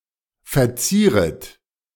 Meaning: second-person plural subjunctive I of verzieren
- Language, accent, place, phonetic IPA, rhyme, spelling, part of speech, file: German, Germany, Berlin, [fɛɐ̯ˈt͡siːʁət], -iːʁət, verzieret, verb, De-verzieret.ogg